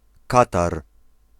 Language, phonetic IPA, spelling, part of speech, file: Polish, [ˈkatar], Katar, proper noun, Pl-Katar.ogg